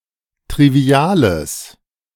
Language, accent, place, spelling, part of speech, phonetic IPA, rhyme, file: German, Germany, Berlin, triviales, adjective, [tʁiˈvi̯aːləs], -aːləs, De-triviales.ogg
- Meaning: strong/mixed nominative/accusative neuter singular of trivial